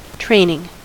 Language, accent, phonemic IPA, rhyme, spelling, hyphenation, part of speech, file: English, US, /ˈtɹeɪnɪŋ/, -eɪnɪŋ, training, train‧ing, verb / noun, En-us-training.ogg
- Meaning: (verb) present participle and gerund of train; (noun) 1. Action of the verb to train 2. The activity of imparting and acquiring skills 3. The result of good social upbringing